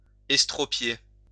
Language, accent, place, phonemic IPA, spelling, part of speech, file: French, France, Lyon, /ɛs.tʁɔ.pje/, estropier, verb, LL-Q150 (fra)-estropier.wav
- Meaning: 1. cripple, maim 2. (informal, particularly of pronunciation of unfamiliar languages and the like) to mangle; to distort, to deform, to twist